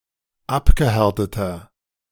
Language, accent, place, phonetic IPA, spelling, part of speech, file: German, Germany, Berlin, [ˈapɡəˌhɛʁtətɐ], abgehärteter, adjective, De-abgehärteter.ogg
- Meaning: 1. comparative degree of abgehärtet 2. inflection of abgehärtet: strong/mixed nominative masculine singular 3. inflection of abgehärtet: strong genitive/dative feminine singular